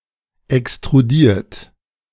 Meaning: 1. past participle of extrudieren 2. second-person plural present of extrudieren
- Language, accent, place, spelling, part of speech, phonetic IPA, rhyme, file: German, Germany, Berlin, extrudiert, verb, [ɛkstʁuˈdiːɐ̯t], -iːɐ̯t, De-extrudiert.ogg